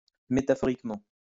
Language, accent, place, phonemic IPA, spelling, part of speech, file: French, France, Lyon, /me.ta.fɔ.ʁik.mɑ̃/, métaphoriquement, adverb, LL-Q150 (fra)-métaphoriquement.wav
- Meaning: metaphorically